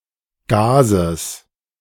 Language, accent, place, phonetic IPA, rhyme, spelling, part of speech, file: German, Germany, Berlin, [ˈɡaːzəs], -aːzəs, Gases, noun, De-Gases.ogg
- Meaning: genitive singular of Gas